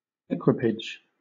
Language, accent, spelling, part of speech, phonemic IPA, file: English, Southern England, equipage, noun / verb, /ˈɛ.kwɪ.pɪdʒ/, LL-Q1860 (eng)-equipage.wav
- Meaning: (noun) 1. Equipment or supplies, especially military ones 2. A type of horse-drawn carriage 3. The carriage together with attendants; a retinue 4. Military dress; uniform, armour, etc